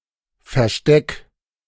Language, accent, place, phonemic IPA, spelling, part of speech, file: German, Germany, Berlin, /fɛɐ̯ˈʃtɛk/, Versteck, noun, De-Versteck.ogg
- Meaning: hiding place, stash